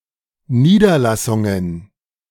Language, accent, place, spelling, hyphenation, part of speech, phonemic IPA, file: German, Germany, Berlin, Niederlassungen, Nie‧der‧las‧sun‧gen, noun, /niːdɐlasʊŋən/, De-Niederlassungen.ogg
- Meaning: plural of Niederlassung